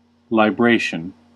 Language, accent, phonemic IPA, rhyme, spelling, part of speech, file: English, US, /laɪˈbɹeɪ.ʃən/, -eɪʃən, libration, noun, En-us-libration.ogg
- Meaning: The act of librating